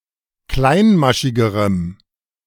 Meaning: strong dative masculine/neuter singular comparative degree of kleinmaschig
- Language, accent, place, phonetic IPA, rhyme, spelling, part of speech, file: German, Germany, Berlin, [ˈklaɪ̯nˌmaʃɪɡəʁəm], -aɪ̯nmaʃɪɡəʁəm, kleinmaschigerem, adjective, De-kleinmaschigerem.ogg